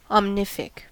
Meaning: Capable of making or doing anything; all-creating
- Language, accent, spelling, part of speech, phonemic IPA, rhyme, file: English, US, omnific, adjective, /ɑmˈnɪf.ɪk/, -ɪfɪk, En-us-omnific.ogg